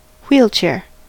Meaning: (noun) 1. A chair mounted on large wheels for the transportation or use of a sick or disabled person 2. Designed for use by wheelchairbound people
- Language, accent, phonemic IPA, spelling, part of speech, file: English, US, /ˈ(h)wilt͡ʃɛɹ/, wheelchair, noun / verb, En-us-wheelchair.ogg